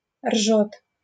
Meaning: third-person singular present indicative imperfective of ржать (ržatʹ, “to neigh”)
- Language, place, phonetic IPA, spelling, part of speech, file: Russian, Saint Petersburg, [rʐot], ржёт, verb, LL-Q7737 (rus)-ржёт.wav